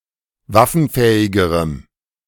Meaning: strong dative masculine/neuter singular comparative degree of waffenfähig
- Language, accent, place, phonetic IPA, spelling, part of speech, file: German, Germany, Berlin, [ˈvafn̩ˌfɛːɪɡəʁəm], waffenfähigerem, adjective, De-waffenfähigerem.ogg